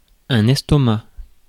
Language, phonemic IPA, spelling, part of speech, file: French, /ɛs.tɔ.ma/, estomac, noun, Fr-estomac.ogg
- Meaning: stomach